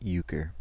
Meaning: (noun) A trump card game played by four players in two partnerships with a reduced deck of 24 cards; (verb) To deceive or outwit
- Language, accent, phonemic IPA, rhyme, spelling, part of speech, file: English, US, /ˈjuːkəɹ/, -uːkəɹ, euchre, noun / verb, En-us-euchre.ogg